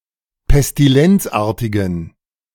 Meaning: inflection of pestilenzartig: 1. strong genitive masculine/neuter singular 2. weak/mixed genitive/dative all-gender singular 3. strong/weak/mixed accusative masculine singular 4. strong dative plural
- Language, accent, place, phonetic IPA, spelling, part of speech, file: German, Germany, Berlin, [pɛstiˈlɛnt͡sˌʔaːɐ̯tɪɡn̩], pestilenzartigen, adjective, De-pestilenzartigen.ogg